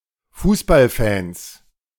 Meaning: plural of Fußballfan
- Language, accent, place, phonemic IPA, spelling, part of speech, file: German, Germany, Berlin, /ˈfuːsbalˌfɛns/, Fußballfans, noun, De-Fußballfans.ogg